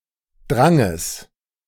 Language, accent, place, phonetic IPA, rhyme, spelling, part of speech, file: German, Germany, Berlin, [ˈdʁaŋəs], -aŋəs, Dranges, noun, De-Dranges.ogg
- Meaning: genitive singular of Drang